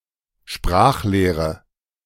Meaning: 1. grammar (a system of rules and principles for speaking and writing a language) 2. grammar (a book describing the rules of grammar of a language)
- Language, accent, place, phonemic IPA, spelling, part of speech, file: German, Germany, Berlin, /ˈʃpʁaːxˌleːʁə/, Sprachlehre, noun, De-Sprachlehre.ogg